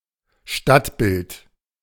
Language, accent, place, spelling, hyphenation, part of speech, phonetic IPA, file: German, Germany, Berlin, Stadtbild, Stadt‧bild, noun, [ˈʃtatˌbɪlt], De-Stadtbild.ogg
- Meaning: the appearance of a town or city; townscape, cityscape, but referring more to its appearance as one walks through it, rather than the skyline